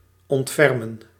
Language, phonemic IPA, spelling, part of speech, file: Dutch, /ˌɔntˈfɛr.mə(n)/, ontfermen, verb, Nl-ontfermen.ogg
- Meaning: to take pity